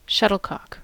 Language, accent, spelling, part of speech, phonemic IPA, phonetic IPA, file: English, General American, shuttlecock, noun / verb, /ˈʃʌtl̩ˌkɑk/, [ˈʃʌɾɫ̩ˌkɑk], En-us-shuttlecock.ogg
- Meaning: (noun) 1. A lightweight object that is conical in shape with a cork or rubber-covered nose, used in badminton the way a ball is used in other racquet games 2. The game of badminton